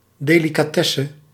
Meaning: delicacy, fine food
- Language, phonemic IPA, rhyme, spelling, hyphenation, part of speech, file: Dutch, /ˌdeː.li.kaːˈtɛ.sə/, -ɛsə, delicatesse, de‧li‧ca‧tes‧se, noun, Nl-delicatesse.ogg